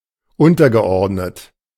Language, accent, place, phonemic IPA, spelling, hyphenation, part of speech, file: German, Germany, Berlin, /ˈʊntɐɡəˌ.ɔʁdnət/, untergeordnet, un‧ter‧ge‧ord‧net, verb / adjective, De-untergeordnet.ogg
- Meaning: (verb) past participle of unterordnen; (adjective) 1. subordinate, junior 2. inferior, menial 3. secondary